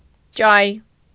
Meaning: 1. Eurasian jay (Garrulus glandarius) 2. seagull, gull (Larus)
- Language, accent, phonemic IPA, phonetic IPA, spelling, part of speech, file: Armenian, Eastern Armenian, /t͡ʃɑj/, [t͡ʃɑj], ճայ, noun, Hy-ճայ.ogg